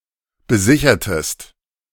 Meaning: inflection of besichern: 1. second-person singular preterite 2. second-person singular subjunctive II
- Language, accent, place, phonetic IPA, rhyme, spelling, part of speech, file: German, Germany, Berlin, [bəˈzɪçɐtəst], -ɪçɐtəst, besichertest, verb, De-besichertest.ogg